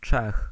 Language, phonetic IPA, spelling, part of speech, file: Polish, [t͡ʃɛx], Czech, noun / proper noun, Pl-Czech.ogg